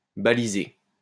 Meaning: 1. to mark with beacons 2. to waymark, to signpost 3. to prepare the ground 4. to tag
- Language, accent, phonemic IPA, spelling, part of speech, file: French, France, /ba.li.ze/, baliser, verb, LL-Q150 (fra)-baliser.wav